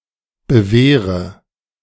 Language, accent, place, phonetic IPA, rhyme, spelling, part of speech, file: German, Germany, Berlin, [bəˈveːʁə], -eːʁə, bewehre, verb, De-bewehre.ogg
- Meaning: inflection of bewehren: 1. first-person singular present 2. first/third-person singular subjunctive I 3. singular imperative